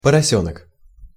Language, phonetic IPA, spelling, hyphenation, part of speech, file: Russian, [pərɐˈsʲɵnək], поросёнок, по‧ро‧сё‧нок, noun, Ru-поросёнок.ogg
- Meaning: piglet, young pig